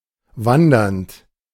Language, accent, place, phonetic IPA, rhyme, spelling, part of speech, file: German, Germany, Berlin, [ˈvandɐnt], -andɐnt, wandernd, verb, De-wandernd.ogg
- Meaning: present participle of wandern